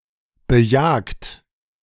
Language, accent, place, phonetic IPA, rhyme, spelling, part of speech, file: German, Germany, Berlin, [bəˈjaːkt], -aːkt, bejagt, verb, De-bejagt.ogg
- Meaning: 1. past participle of bejagen 2. inflection of bejagen: second-person plural present 3. inflection of bejagen: third-person singular present 4. inflection of bejagen: plural imperative